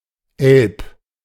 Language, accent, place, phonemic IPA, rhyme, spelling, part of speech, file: German, Germany, Berlin, /ɛlp/, -ɛlp, Elb, noun, De-Elb.ogg
- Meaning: elf